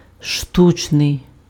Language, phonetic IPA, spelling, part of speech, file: Ukrainian, [ˈʃtut͡ʃnei̯], штучний, adjective, Uk-штучний.ogg
- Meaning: 1. piece (attributive) (apportioned in pieces) 2. artificial